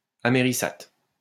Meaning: americate
- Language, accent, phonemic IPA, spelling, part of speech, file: French, France, /a.me.ʁi.sat/, amériçate, noun, LL-Q150 (fra)-amériçate.wav